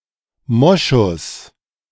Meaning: musk
- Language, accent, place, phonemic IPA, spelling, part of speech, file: German, Germany, Berlin, /ˈmɔʃʊs/, Moschus, noun, De-Moschus.ogg